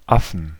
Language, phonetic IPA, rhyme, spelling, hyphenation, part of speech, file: German, [ˈafn̩], -afn̩, Affen, Af‧fen, noun, De-Affen.ogg
- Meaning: 1. plural of Affe 2. accusative/dative/genitive singular of Affe